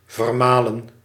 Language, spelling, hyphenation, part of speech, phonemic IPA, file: Dutch, vermalen, ver‧ma‧len, verb, /ˌvərˈmaːlə(n)/, Nl-vermalen.ogg
- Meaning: to grind, crush, pulverize